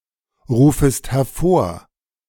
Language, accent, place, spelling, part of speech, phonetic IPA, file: German, Germany, Berlin, rufest hervor, verb, [ˌʁuːfəst hɛɐ̯ˈfoːɐ̯], De-rufest hervor.ogg
- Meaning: second-person singular subjunctive I of hervorrufen